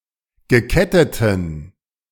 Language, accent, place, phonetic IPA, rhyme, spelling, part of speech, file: German, Germany, Berlin, [ɡəˈkɛtətn̩], -ɛtətn̩, geketteten, adjective, De-geketteten.ogg
- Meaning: inflection of gekettet: 1. strong genitive masculine/neuter singular 2. weak/mixed genitive/dative all-gender singular 3. strong/weak/mixed accusative masculine singular 4. strong dative plural